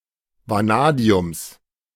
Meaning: genitive singular of Vanadium
- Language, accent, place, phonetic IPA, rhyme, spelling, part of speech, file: German, Germany, Berlin, [vaˈnaːdi̯ʊms], -aːdi̯ʊms, Vanadiums, noun, De-Vanadiums.ogg